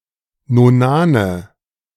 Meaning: nominative/accusative/genitive plural of Nonan
- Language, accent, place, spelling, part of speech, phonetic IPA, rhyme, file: German, Germany, Berlin, Nonane, noun, [noˈnaːnə], -aːnə, De-Nonane.ogg